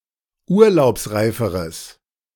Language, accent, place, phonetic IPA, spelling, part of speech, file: German, Germany, Berlin, [ˈuːɐ̯laʊ̯psˌʁaɪ̯fəʁəs], urlaubsreiferes, adjective, De-urlaubsreiferes.ogg
- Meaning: strong/mixed nominative/accusative neuter singular comparative degree of urlaubsreif